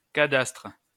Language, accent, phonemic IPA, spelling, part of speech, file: French, France, /ka.dastʁ/, cadastre, noun, LL-Q150 (fra)-cadastre.wav
- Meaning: cadastre (a register showing details of land ownership and value)